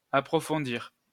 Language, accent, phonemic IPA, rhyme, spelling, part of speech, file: French, France, /a.pʁɔ.fɔ̃.diʁ/, -iʁ, approfondir, verb, LL-Q150 (fra)-approfondir.wav
- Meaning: 1. to deepen 2. to consider more thoroughly, to delve deeper into